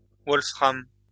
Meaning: 1. wolframite 2. tungsten
- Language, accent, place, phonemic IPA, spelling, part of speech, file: French, France, Lyon, /vɔl.fʁam/, wolfram, noun, LL-Q150 (fra)-wolfram.wav